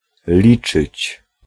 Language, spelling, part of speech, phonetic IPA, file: Polish, liczyć, verb, [ˈlʲit͡ʃɨt͡ɕ], Pl-liczyć.ogg